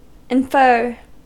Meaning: 1. To introduce (something) as a reasoned conclusion; to conclude by reasoning or deduction, as from premises or evidence 2. To lead to (something) as a consequence; to imply
- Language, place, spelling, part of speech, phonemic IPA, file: English, California, infer, verb, /ɪnˈfɝ/, En-us-infer.ogg